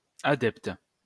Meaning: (adjective) adept, capable, adroit; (noun) 1. expert, person who is adept 2. supporter, partisan, advocate, proponent (of something)
- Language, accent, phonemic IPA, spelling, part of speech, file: French, France, /a.dɛpt/, adepte, adjective / noun, LL-Q150 (fra)-adepte.wav